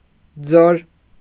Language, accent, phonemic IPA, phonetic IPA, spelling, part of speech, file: Armenian, Eastern Armenian, /d͡zoɾ/, [d͡zoɾ], ձոր, noun, Hy-ձոր.ogg
- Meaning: gorge, ravine; canyon